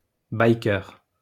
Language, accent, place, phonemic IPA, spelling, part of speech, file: French, France, Lyon, /baj.kœʁ/, bikeur, noun, LL-Q150 (fra)-bikeur.wav
- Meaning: biker (person whose lifestyle is centered on motorcycles)